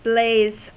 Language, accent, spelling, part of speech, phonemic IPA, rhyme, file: English, US, blaze, noun / verb, /bleɪz/, -eɪz, En-us-blaze.ogg
- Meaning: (noun) 1. A fire, especially a fast-burning fire producing a lot of flames and light 2. Intense, direct light accompanied with heat